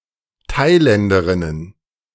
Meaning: plural of Thailänderin
- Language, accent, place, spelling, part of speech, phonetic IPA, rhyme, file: German, Germany, Berlin, Thailänderinnen, noun, [ˈtaɪ̯ˌlɛndəʁɪnən], -aɪ̯lɛndəʁɪnən, De-Thailänderinnen.ogg